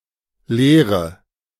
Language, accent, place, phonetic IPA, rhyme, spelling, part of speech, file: German, Germany, Berlin, [ˈleːʁə], -eːʁə, lehre, verb, De-lehre.ogg
- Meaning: inflection of lehren: 1. first-person singular present 2. first/third-person singular subjunctive I 3. singular imperative